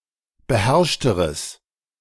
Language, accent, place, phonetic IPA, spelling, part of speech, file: German, Germany, Berlin, [bəˈhɛʁʃtəʁəs], beherrschteres, adjective, De-beherrschteres.ogg
- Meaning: strong/mixed nominative/accusative neuter singular comparative degree of beherrscht